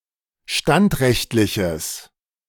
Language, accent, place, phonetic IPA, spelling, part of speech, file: German, Germany, Berlin, [ˈʃtantˌʁɛçtlɪçəs], standrechtliches, adjective, De-standrechtliches.ogg
- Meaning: strong/mixed nominative/accusative neuter singular of standrechtlich